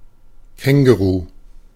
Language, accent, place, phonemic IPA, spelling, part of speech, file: German, Germany, Berlin, /ˈkɛŋɡuru/, Känguru, noun, De-Känguru.ogg
- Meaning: kangaroo